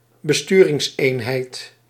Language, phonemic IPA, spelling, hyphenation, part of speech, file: Dutch, /bəˈstyː.rɪŋsˌeːn.ɦɛi̯t/, besturingseenheid, be‧stu‧rings‧een‧heid, noun, Nl-besturingseenheid.ogg
- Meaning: a control unit (input device for controlling a piece of hardware)